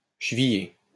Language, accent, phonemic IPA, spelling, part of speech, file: French, France, /ʃə.vi.je/, chevillier, noun, LL-Q150 (fra)-chevillier.wav
- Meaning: pegbox (on a violin etc)